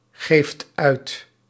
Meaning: inflection of uitgeven: 1. second/third-person singular present indicative 2. plural imperative
- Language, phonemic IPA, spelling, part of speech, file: Dutch, /ˈɣeft ˈœyt/, geeft uit, verb, Nl-geeft uit.ogg